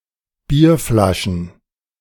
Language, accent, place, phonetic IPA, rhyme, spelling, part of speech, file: German, Germany, Berlin, [ˈbiːɐ̯ˌflaʃn̩], -iːɐ̯flaʃn̩, Bierflaschen, noun, De-Bierflaschen.ogg
- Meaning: plural of Bierflasche